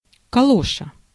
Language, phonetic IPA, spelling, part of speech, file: Russian, [kɐˈɫoʂə], калоша, noun, Ru-калоша.ogg
- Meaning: 1. galosh 2. swim fin foot pocket